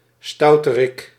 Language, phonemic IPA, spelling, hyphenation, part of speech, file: Dutch, /ˈstɑu̯.təˌrɪk/, stouterik, stou‧te‧rik, noun, Nl-stouterik.ogg
- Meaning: naughty person